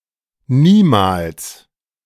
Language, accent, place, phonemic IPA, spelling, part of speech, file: German, Germany, Berlin, /ˈniːmaːls/, niemals, adverb, De-niemals.ogg
- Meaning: never (at no time)